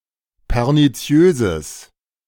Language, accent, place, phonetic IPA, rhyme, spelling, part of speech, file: German, Germany, Berlin, [pɛʁniˈt͡si̯øːzəs], -øːzəs, perniziöses, adjective, De-perniziöses.ogg
- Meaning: strong/mixed nominative/accusative neuter singular of perniziös